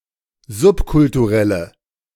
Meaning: inflection of subkulturell: 1. strong/mixed nominative/accusative feminine singular 2. strong nominative/accusative plural 3. weak nominative all-gender singular
- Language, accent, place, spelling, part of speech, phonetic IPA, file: German, Germany, Berlin, subkulturelle, adjective, [ˈzʊpkʊltuˌʁɛlə], De-subkulturelle.ogg